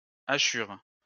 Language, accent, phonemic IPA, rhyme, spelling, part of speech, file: French, France, /a.ʃyʁ/, -yʁ, hachures, noun, LL-Q150 (fra)-hachures.wav
- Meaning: plural of hachure